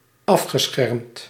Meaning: past participle of afschermen
- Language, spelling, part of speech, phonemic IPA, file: Dutch, afgeschermd, verb, /ˈɑfxəsxɛrmt/, Nl-afgeschermd.ogg